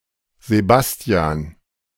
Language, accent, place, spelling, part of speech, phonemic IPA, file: German, Germany, Berlin, Sebastian, proper noun, /zeˈbasti̯an/, De-Sebastian.ogg
- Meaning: a male given name